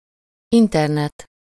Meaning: Internet (specific internet consisting of the global network of computers)
- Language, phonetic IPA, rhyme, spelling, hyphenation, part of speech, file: Hungarian, [ˈintɛrnɛt], -ɛt, internet, in‧ter‧net, noun, Hu-internet.ogg